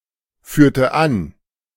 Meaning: inflection of anführen: 1. first/third-person singular preterite 2. first/third-person singular subjunctive II
- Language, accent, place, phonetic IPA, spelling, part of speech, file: German, Germany, Berlin, [ˌfyːɐ̯tə ˈan], führte an, verb, De-führte an.ogg